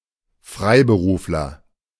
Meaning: freelancer
- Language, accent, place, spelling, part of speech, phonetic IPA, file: German, Germany, Berlin, Freiberufler, noun, [ˈfʁaɪ̯bəˌʁuːflɐ], De-Freiberufler.ogg